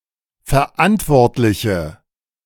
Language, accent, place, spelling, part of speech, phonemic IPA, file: German, Germany, Berlin, Verantwortliche, noun, /fɛɐ̯ˈʔantvɔʁtlɪçə/, De-Verantwortliche.ogg
- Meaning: nominative/accusative/genitive plural of Verantwortlicher